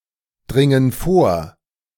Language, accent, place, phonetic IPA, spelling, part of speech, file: German, Germany, Berlin, [ˌdʁɪŋən ˈfoːɐ̯], dringen vor, verb, De-dringen vor.ogg
- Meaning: inflection of vordringen: 1. first/third-person plural present 2. first/third-person plural subjunctive I